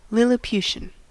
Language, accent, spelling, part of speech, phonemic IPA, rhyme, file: English, US, lilliputian, noun / adjective, /ˌlɪlɪˈpjuʃən/, -uːʃən, En-us-lilliputian.ogg
- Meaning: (noun) 1. A very small person or being 2. A fruit fly gene that, when mutated, makes cells abnormally small. See AFF2 3. Involving delusions or hallucinations of tiny beings